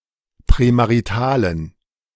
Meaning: inflection of prämarital: 1. strong genitive masculine/neuter singular 2. weak/mixed genitive/dative all-gender singular 3. strong/weak/mixed accusative masculine singular 4. strong dative plural
- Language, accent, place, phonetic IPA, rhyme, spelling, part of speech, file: German, Germany, Berlin, [pʁɛmaʁiˈtaːlən], -aːlən, prämaritalen, adjective, De-prämaritalen.ogg